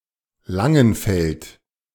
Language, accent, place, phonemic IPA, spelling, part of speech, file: German, Germany, Berlin, /ˈlaŋənˌfɛlt/, Langenfeld, proper noun, De-Langenfeld.ogg
- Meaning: 1. a surname 2. a municipality of Bavaria, Germany 3. a municipality of North Rhine-Westphalia, Germany 4. a municipality of Rhineland-Palatinate, Germany